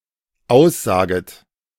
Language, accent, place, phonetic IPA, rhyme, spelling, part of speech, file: German, Germany, Berlin, [ˈaʊ̯sˌzaːɡət], -aʊ̯szaːɡət, aussaget, verb, De-aussaget.ogg
- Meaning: second-person plural dependent subjunctive I of aussagen